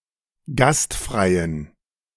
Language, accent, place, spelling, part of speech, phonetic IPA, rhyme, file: German, Germany, Berlin, gastfreien, adjective, [ˈɡastˌfʁaɪ̯ən], -astfʁaɪ̯ən, De-gastfreien.ogg
- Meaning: inflection of gastfrei: 1. strong genitive masculine/neuter singular 2. weak/mixed genitive/dative all-gender singular 3. strong/weak/mixed accusative masculine singular 4. strong dative plural